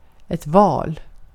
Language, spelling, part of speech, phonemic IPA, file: Swedish, val, noun, /vɑːl/, Sv-val.ogg
- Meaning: 1. a whale 2. a choice 3. an election 4. the fallen; casualties of a war or battle